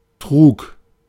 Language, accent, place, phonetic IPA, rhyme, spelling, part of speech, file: German, Germany, Berlin, [tʁuːk], -uːk, trug, verb, De-trug.ogg
- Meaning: first/third-person singular preterite of tragen